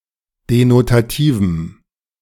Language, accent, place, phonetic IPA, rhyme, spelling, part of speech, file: German, Germany, Berlin, [denotaˈtiːvm̩], -iːvm̩, denotativem, adjective, De-denotativem.ogg
- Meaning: strong dative masculine/neuter singular of denotativ